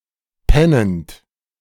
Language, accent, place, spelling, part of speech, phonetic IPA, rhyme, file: German, Germany, Berlin, pennend, verb, [ˈpɛnənt], -ɛnənt, De-pennend.ogg
- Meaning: present participle of pennen